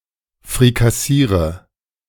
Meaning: inflection of frikassieren: 1. first-person singular present 2. singular imperative 3. first/third-person singular subjunctive I
- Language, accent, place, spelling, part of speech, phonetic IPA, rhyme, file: German, Germany, Berlin, frikassiere, verb, [fʁikaˈsiːʁə], -iːʁə, De-frikassiere.ogg